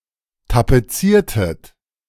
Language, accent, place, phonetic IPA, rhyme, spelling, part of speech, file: German, Germany, Berlin, [tapeˈt͡siːɐ̯tət], -iːɐ̯tət, tapeziertet, verb, De-tapeziertet.ogg
- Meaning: inflection of tapezieren: 1. second-person plural preterite 2. second-person plural subjunctive II